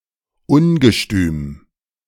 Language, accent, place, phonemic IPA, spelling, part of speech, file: German, Germany, Berlin, /ˈʊnɡəˌʃtyːm/, Ungestüm, noun, De-Ungestüm.ogg
- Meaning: impetuosity, impetuousness